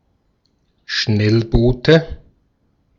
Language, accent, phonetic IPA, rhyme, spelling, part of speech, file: German, Austria, [ˈʃnɛlˌboːtə], -ɛlboːtə, Schnellboote, noun, De-at-Schnellboote.ogg
- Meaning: inflection of Schnellboot: 1. dative singular 2. nominative/accusative/genitive plural